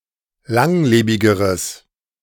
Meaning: strong/mixed nominative/accusative neuter singular comparative degree of langlebig
- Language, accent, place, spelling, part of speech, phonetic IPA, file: German, Germany, Berlin, langlebigeres, adjective, [ˈlaŋˌleːbɪɡəʁəs], De-langlebigeres.ogg